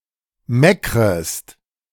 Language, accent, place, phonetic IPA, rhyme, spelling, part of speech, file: German, Germany, Berlin, [ˈmɛkʁəst], -ɛkʁəst, meckrest, verb, De-meckrest.ogg
- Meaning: second-person singular subjunctive I of meckern